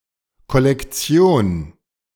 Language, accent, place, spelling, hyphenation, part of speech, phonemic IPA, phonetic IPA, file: German, Germany, Berlin, Kollektion, Kol‧lek‧ti‧on, noun, /kɔlɛkˈtsi̯oːn/, [kɔ.lɛkˈt͡sjoːn], De-Kollektion.ogg
- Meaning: 1. collection, product line (set of items presented or marketed together, often in a similar style) 2. synonym of Sammlung (“collection, set of collected items”)